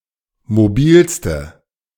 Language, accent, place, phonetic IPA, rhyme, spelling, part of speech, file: German, Germany, Berlin, [moˈbiːlstə], -iːlstə, mobilste, adjective, De-mobilste.ogg
- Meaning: inflection of mobil: 1. strong/mixed nominative/accusative feminine singular superlative degree 2. strong nominative/accusative plural superlative degree